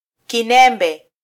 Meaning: clitoris
- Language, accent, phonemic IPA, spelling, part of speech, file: Swahili, Kenya, /kiˈnɛ.ᵐbɛ/, kinembe, noun, Sw-ke-kinembe.flac